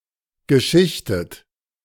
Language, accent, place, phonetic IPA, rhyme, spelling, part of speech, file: German, Germany, Berlin, [ɡəˈʃɪçtət], -ɪçtət, geschichtet, verb, De-geschichtet.ogg
- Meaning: past participle of schichten - layered, laminated, stratified